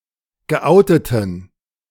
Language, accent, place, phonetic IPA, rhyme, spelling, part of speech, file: German, Germany, Berlin, [ɡəˈʔaʊ̯tətn̩], -aʊ̯tətn̩, geouteten, adjective, De-geouteten.ogg
- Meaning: inflection of geoutet: 1. strong genitive masculine/neuter singular 2. weak/mixed genitive/dative all-gender singular 3. strong/weak/mixed accusative masculine singular 4. strong dative plural